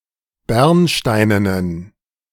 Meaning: inflection of bernsteinen: 1. strong genitive masculine/neuter singular 2. weak/mixed genitive/dative all-gender singular 3. strong/weak/mixed accusative masculine singular 4. strong dative plural
- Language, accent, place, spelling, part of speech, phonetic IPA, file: German, Germany, Berlin, bernsteinenen, adjective, [ˈbɛʁnˌʃtaɪ̯nənən], De-bernsteinenen.ogg